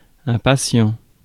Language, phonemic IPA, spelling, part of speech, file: French, /pa.sjɑ̃/, patient, adjective / noun, Fr-patient.ogg
- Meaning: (adjective) patient; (noun) 1. patient, outpatient 2. condemned man, person who has been sentenced to death